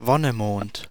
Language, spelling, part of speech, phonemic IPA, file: German, Wonnemond, proper noun, /ˈvɔnəˌmoːnt/, De-Wonnemond.ogg
- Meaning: May (fifth month of the Gregorian calendar)